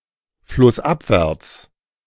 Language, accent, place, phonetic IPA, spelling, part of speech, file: German, Germany, Berlin, [flʊsˈʔapvɛʁt͡s], flussabwärts, adverb, De-flussabwärts.ogg
- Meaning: downstream